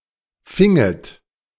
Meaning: second-person plural subjunctive II of fangen
- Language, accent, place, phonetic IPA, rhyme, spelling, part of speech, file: German, Germany, Berlin, [ˈfɪŋət], -ɪŋət, finget, verb, De-finget.ogg